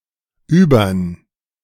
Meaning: contraction of über + den
- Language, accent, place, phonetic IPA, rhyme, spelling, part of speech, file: German, Germany, Berlin, [ˈyːbɐn], -yːbɐn, übern, abbreviation, De-übern.ogg